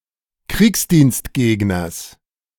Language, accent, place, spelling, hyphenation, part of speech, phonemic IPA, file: German, Germany, Berlin, Kriegsdienstgegners, Kriegs‧dienst‧geg‧ners, noun, /ˈkʁiːksdiːnstˌɡeːɡnɐs/, De-Kriegsdienstgegners.ogg
- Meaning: genitive singular of Kriegsdienstgegner